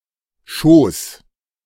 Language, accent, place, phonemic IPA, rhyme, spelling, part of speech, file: German, Germany, Berlin, /ʃoːs/, -oːs, Schoß, noun, De-Schoß.ogg
- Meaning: 1. lap (area between the waist and knees of a seated person) 2. bosom, womb 3. fold, coattail